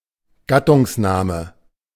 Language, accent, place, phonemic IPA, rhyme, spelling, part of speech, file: German, Germany, Berlin, /ˈɡatʊŋsˌnaːmə/, -aːmə, Gattungsname, noun, De-Gattungsname.ogg
- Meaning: 1. common noun 2. generic name